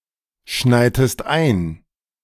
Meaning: inflection of einschneien: 1. second-person singular preterite 2. second-person singular subjunctive II
- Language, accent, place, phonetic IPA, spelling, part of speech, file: German, Germany, Berlin, [ˌʃnaɪ̯təst ˈaɪ̯n], schneitest ein, verb, De-schneitest ein.ogg